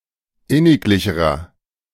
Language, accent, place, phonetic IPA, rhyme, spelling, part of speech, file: German, Germany, Berlin, [ˈɪnɪkˌlɪçəʁɐ], -ɪnɪklɪçəʁɐ, inniglicherer, adjective, De-inniglicherer.ogg
- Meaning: inflection of inniglich: 1. strong/mixed nominative masculine singular comparative degree 2. strong genitive/dative feminine singular comparative degree 3. strong genitive plural comparative degree